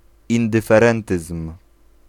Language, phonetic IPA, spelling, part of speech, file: Polish, [ˌĩndɨfɛˈrɛ̃ntɨsm̥], indyferentyzm, noun, Pl-indyferentyzm.ogg